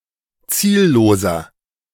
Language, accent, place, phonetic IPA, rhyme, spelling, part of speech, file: German, Germany, Berlin, [ˈt͡siːlˌloːzɐ], -iːlloːzɐ, zielloser, adjective, De-zielloser.ogg
- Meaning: 1. comparative degree of ziellos 2. inflection of ziellos: strong/mixed nominative masculine singular 3. inflection of ziellos: strong genitive/dative feminine singular